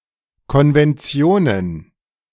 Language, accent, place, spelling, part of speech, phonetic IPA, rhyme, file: German, Germany, Berlin, Konventionen, noun, [kɔnvɛnˈt͡si̯oːnən], -oːnən, De-Konventionen.ogg
- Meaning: plural of Konvention